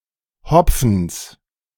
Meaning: genitive singular of Hopfen
- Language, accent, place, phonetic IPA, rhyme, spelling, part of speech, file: German, Germany, Berlin, [ˈhɔp͡fn̩s], -ɔp͡fn̩s, Hopfens, noun, De-Hopfens.ogg